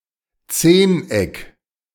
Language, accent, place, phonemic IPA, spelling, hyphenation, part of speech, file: German, Germany, Berlin, /ˈt͡seːnˌ.ɛk/, Zehneck, Zehn‧eck, noun, De-Zehneck.ogg
- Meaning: decagon